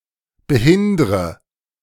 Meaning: inflection of behindern: 1. first-person singular present 2. first/third-person singular subjunctive I 3. singular imperative
- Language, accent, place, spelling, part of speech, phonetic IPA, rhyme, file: German, Germany, Berlin, behindre, verb, [bəˈhɪndʁə], -ɪndʁə, De-behindre.ogg